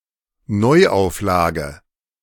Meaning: 1. reprint (book, pamphlet, or other printed matter that has been published once before but is now being released again) 2. rerun, rehash
- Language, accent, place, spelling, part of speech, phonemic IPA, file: German, Germany, Berlin, Neuauflage, noun, /ˈnɔɪaʊfˌlaːɡə/, De-Neuauflage.ogg